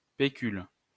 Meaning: savings, nest egg
- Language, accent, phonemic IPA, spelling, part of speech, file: French, France, /pe.kyl/, pécule, noun, LL-Q150 (fra)-pécule.wav